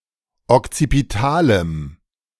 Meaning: strong dative masculine/neuter singular of okzipital
- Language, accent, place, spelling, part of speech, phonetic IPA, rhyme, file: German, Germany, Berlin, okzipitalem, adjective, [ɔkt͡sipiˈtaːləm], -aːləm, De-okzipitalem.ogg